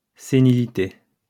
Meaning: senility
- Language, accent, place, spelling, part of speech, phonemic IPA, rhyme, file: French, France, Lyon, sénilité, noun, /se.ni.li.te/, -e, LL-Q150 (fra)-sénilité.wav